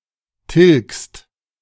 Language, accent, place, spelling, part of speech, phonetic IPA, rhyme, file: German, Germany, Berlin, tilgst, verb, [tɪlkst], -ɪlkst, De-tilgst.ogg
- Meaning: second-person singular present of tilgen